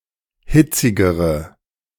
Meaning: inflection of hitzig: 1. strong/mixed nominative/accusative feminine singular comparative degree 2. strong nominative/accusative plural comparative degree
- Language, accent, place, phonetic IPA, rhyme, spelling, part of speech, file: German, Germany, Berlin, [ˈhɪt͡sɪɡəʁə], -ɪt͡sɪɡəʁə, hitzigere, adjective, De-hitzigere.ogg